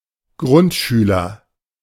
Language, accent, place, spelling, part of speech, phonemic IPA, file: German, Germany, Berlin, Grundschüler, noun, /ˈɡʁʊntˌʃyːlɐ/, De-Grundschüler.ogg
- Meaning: Grundschule student